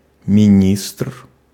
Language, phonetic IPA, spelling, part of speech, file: Russian, [mʲɪˈnʲistr], министр, noun, Ru-министр.ogg
- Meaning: minister (the politician who heads a ministry)